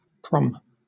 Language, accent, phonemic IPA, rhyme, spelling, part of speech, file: English, Southern England, /pɹɒm/, -ɒm, prom, noun / verb, LL-Q1860 (eng)-prom.wav
- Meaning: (noun) 1. A promenade concert 2. A promenade 3. A formal ball held at a high school or college on special occasions; e.g., near the end of the academic year; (verb) To attend a prom